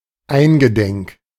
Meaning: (adjective) mindful; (preposition) mindful, remembering
- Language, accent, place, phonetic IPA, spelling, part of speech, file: German, Germany, Berlin, [ˈaɪ̯nɡəˌdɛŋk], eingedenk, preposition / postposition / adjective, De-eingedenk.ogg